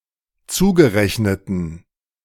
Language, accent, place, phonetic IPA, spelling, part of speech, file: German, Germany, Berlin, [ˈt͡suːɡəˌʁɛçnətn̩], zugerechneten, adjective, De-zugerechneten.ogg
- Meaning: inflection of zugerechnet: 1. strong genitive masculine/neuter singular 2. weak/mixed genitive/dative all-gender singular 3. strong/weak/mixed accusative masculine singular 4. strong dative plural